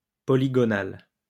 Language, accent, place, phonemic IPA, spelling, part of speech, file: French, France, Lyon, /pɔ.li.ɡɔ.nal/, polygonal, adjective, LL-Q150 (fra)-polygonal.wav
- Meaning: polygonal